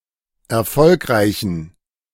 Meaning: inflection of erfolgreich: 1. strong genitive masculine/neuter singular 2. weak/mixed genitive/dative all-gender singular 3. strong/weak/mixed accusative masculine singular 4. strong dative plural
- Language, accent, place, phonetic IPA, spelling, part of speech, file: German, Germany, Berlin, [ɛɐ̯ˈfɔlkʁaɪ̯çn̩], erfolgreichen, adjective, De-erfolgreichen.ogg